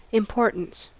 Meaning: 1. The quality or condition of being important or worthy of note 2. significance or prominence 3. personal status or standing 4. Something of importance
- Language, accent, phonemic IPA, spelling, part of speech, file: English, US, /ɪmˈpoɹtəns/, importance, noun, En-us-importance.ogg